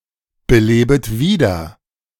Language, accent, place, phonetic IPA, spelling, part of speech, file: German, Germany, Berlin, [bəˌleːbət ˈviːdɐ], belebet wieder, verb, De-belebet wieder.ogg
- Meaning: second-person plural subjunctive I of wiederbeleben